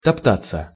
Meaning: 1. to shift one's feet 2. to hang about, to hang around, to loiter, to wait 3. to dawdle, to dillydally 4. passive of топта́ть (toptátʹ)
- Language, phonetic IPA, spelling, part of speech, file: Russian, [tɐpˈtat͡sːə], топтаться, verb, Ru-топтаться.ogg